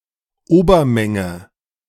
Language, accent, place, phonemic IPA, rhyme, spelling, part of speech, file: German, Germany, Berlin, /ˈoːbɐˌmɛŋə/, -ɛŋə, Obermenge, noun, De-Obermenge.ogg
- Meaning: superset (set containing all elements of another set)